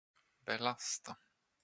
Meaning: 1. to subject to a (physical or more abstract) load 2. to burden (socially or physically) 3. to charge (money, from an account)
- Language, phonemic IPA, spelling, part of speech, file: Swedish, /bɛˈlasta/, belasta, verb, Sv-belasta.flac